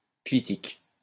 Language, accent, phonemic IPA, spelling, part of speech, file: French, France, /kli.tik/, clitique, adjective / noun, LL-Q150 (fra)-clitique.wav
- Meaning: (adjective) clitic; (noun) clitic (morpheme attached to another word)